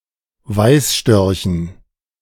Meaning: dative plural of Weißstorch
- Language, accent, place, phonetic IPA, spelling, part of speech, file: German, Germany, Berlin, [ˈvaɪ̯sˌʃtœʁçn̩], Weißstörchen, noun, De-Weißstörchen.ogg